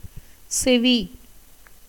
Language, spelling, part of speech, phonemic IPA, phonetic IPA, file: Tamil, செவி, noun, /tʃɛʋiː/, [se̞ʋiː], Ta-செவி.ogg
- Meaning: ear